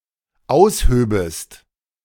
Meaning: second-person singular dependent subjunctive II of ausheben
- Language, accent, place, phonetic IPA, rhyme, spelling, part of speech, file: German, Germany, Berlin, [ˈaʊ̯sˌhøːbəst], -aʊ̯shøːbəst, aushöbest, verb, De-aushöbest.ogg